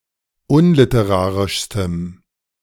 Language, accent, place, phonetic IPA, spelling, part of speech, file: German, Germany, Berlin, [ˈʊnlɪtəˌʁaːʁɪʃstəm], unliterarischstem, adjective, De-unliterarischstem.ogg
- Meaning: strong dative masculine/neuter singular superlative degree of unliterarisch